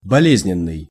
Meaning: 1. sickly, ailing, unhealthy 2. morbid 3. painful
- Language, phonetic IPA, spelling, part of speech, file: Russian, [bɐˈlʲezʲnʲɪn(ː)ɨj], болезненный, adjective, Ru-болезненный.ogg